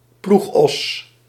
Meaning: an ox used to pull a plow
- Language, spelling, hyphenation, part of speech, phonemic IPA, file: Dutch, ploegos, ploeg‧os, noun, /ˈplux.ɔs/, Nl-ploegos.ogg